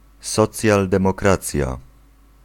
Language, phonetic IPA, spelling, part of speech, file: Polish, [ˌsɔt͡sʲjaldɛ̃mɔˈkrat͡sʲja], socjaldemokracja, noun, Pl-socjaldemokracja.ogg